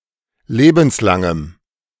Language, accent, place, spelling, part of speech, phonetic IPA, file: German, Germany, Berlin, lebenslangem, adjective, [ˈleːbn̩sˌlaŋəm], De-lebenslangem.ogg
- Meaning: strong dative masculine/neuter singular of lebenslang